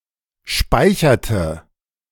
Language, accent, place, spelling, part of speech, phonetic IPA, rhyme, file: German, Germany, Berlin, speicherte, verb, [ˈʃpaɪ̯çɐtə], -aɪ̯çɐtə, De-speicherte.ogg
- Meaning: inflection of speichern: 1. first/third-person singular preterite 2. first/third-person singular subjunctive II